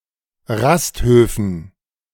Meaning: dative plural of Rasthof
- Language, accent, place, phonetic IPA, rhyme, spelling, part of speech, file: German, Germany, Berlin, [ˈʁastˌhøːfn̩], -asthøːfn̩, Rasthöfen, noun, De-Rasthöfen.ogg